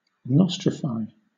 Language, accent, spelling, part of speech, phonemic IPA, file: English, Southern England, nostrify, verb, /ˈnɒs.tɹɪ.faɪ/, LL-Q1860 (eng)-nostrify.wav
- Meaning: 1. To nostrificate; to grant recognition to a degree from a foreign university 2. To adopt, accept, or include as part of one's own culture